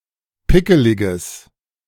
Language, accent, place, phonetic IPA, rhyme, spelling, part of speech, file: German, Germany, Berlin, [ˈpɪkəlɪɡəs], -ɪkəlɪɡəs, pickeliges, adjective, De-pickeliges.ogg
- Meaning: strong/mixed nominative/accusative neuter singular of pickelig